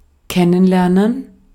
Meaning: 1. to get to know, become acquainted with (a person, place, thing); to befriend 2. to meet; introduce oneself to; to present
- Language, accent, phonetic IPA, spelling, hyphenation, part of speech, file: German, Austria, [ˈkɛnənˌlɛɐ̯nən], kennenlernen, ken‧nen‧ler‧nen, verb, De-at-kennenlernen.ogg